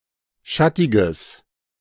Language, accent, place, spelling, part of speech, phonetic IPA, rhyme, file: German, Germany, Berlin, schattiges, adjective, [ˈʃatɪɡəs], -atɪɡəs, De-schattiges.ogg
- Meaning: strong/mixed nominative/accusative neuter singular of schattig